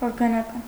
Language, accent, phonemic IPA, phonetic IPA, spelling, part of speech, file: Armenian, Eastern Armenian, /oɾɡɑnɑˈkɑn/, [oɾɡɑnɑkɑ́n], օրգանական, adjective, Hy-օրգանական.ogg
- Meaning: organic